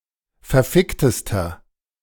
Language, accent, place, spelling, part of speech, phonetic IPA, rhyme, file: German, Germany, Berlin, verficktester, adjective, [fɛɐ̯ˈfɪktəstɐ], -ɪktəstɐ, De-verficktester.ogg
- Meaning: inflection of verfickt: 1. strong/mixed nominative masculine singular superlative degree 2. strong genitive/dative feminine singular superlative degree 3. strong genitive plural superlative degree